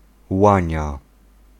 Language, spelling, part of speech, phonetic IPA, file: Polish, łania, noun, [ˈwãɲa], Pl-łania.ogg